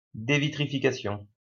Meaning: devitrification
- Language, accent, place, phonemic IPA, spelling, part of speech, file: French, France, Lyon, /de.vi.tʁi.fi.ka.sjɔ̃/, dévitrification, noun, LL-Q150 (fra)-dévitrification.wav